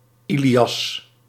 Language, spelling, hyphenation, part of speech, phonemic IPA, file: Dutch, Ilias, Ili‧as, proper noun, /ˈi.liˌɑs/, Nl-Ilias.ogg
- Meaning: 1. the Iliad 2. a male given name from Arabic إِلْيَاس (ʔilyās)